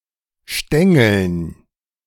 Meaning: dative plural of Stängel
- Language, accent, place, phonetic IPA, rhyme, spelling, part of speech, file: German, Germany, Berlin, [ˈʃtɛŋl̩n], -ɛŋl̩n, Stängeln, noun, De-Stängeln.ogg